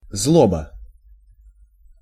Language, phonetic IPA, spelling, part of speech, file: Russian, [ˈzɫobə], злоба, noun, Ru-злоба.ogg
- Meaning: 1. bitterness (with regards to an animate being) 2. spite, malice 3. rage, anger 4. grudge